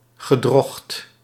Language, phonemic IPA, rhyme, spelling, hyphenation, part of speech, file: Dutch, /ɣəˈdrɔxt/, -ɔxt, gedrocht, ge‧drocht, noun, Nl-gedrocht.ogg
- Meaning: 1. monstrosity, monster, something or someone very ugly 2. apparition, chimera